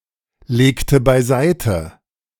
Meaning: inflection of beiseitelegen: 1. first/third-person singular preterite 2. first/third-person singular subjunctive II
- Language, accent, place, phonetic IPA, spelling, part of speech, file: German, Germany, Berlin, [ˌleːktə baɪ̯ˈzaɪ̯tə], legte beiseite, verb, De-legte beiseite.ogg